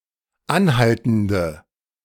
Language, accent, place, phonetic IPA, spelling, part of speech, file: German, Germany, Berlin, [ˈanˌhaltn̩də], anhaltende, adjective, De-anhaltende.ogg
- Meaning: inflection of anhaltend: 1. strong/mixed nominative/accusative feminine singular 2. strong nominative/accusative plural 3. weak nominative all-gender singular